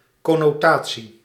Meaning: connotation
- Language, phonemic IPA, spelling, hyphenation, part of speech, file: Dutch, /ˌkɔ.noːˈtaː.(t)si/, connotatie, con‧no‧ta‧tie, noun, Nl-connotatie.ogg